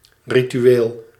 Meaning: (adjective) ritual
- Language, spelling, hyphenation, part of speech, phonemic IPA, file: Dutch, ritueel, ri‧tu‧eel, noun / adjective, /ˌrityˈwel/, Nl-ritueel.ogg